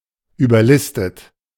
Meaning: 1. past participle of überlisten 2. inflection of überlisten: plural imperative 3. inflection of überlisten: second-person plural present
- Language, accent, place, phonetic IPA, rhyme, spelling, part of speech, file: German, Germany, Berlin, [yːbɐˈlɪstət], -ɪstət, überlistet, verb, De-überlistet.ogg